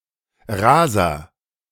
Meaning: speeder
- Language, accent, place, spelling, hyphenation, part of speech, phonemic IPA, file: German, Germany, Berlin, Raser, Ra‧ser, noun, /ˈʁaːzɐ/, De-Raser.ogg